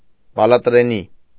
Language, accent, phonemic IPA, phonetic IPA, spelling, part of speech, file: Armenian, Eastern Armenian, /bɑlɑtɾeˈni/, [bɑlɑtɾení], բալատրենի, noun, Hy-բալատրենի.ogg
- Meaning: cashew tree, Anacardium